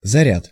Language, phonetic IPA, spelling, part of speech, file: Russian, [zɐˈrʲat], заряд, noun, Ru-заряд.ogg
- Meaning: 1. charge, a load of explosive 2. shot, shell 3. charge (the quantity of electricity) 4. electrically charged body 5. conserved quantum number 6. store, fund, supply 7. charging up 8. snow squall